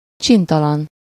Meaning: 1. naughty, mischievous (bad; tending to misbehave or act badly) 2. naughty, risqué, cheeky
- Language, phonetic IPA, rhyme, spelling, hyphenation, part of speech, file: Hungarian, [ˈt͡ʃintɒlɒn], -ɒn, csintalan, csin‧ta‧lan, adjective, Hu-csintalan.ogg